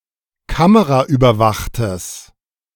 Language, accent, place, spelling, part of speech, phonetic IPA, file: German, Germany, Berlin, kameraüberwachtes, adjective, [ˈkaməʁaʔyːbɐˌvaxtəs], De-kameraüberwachtes.ogg
- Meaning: strong/mixed nominative/accusative neuter singular of kameraüberwacht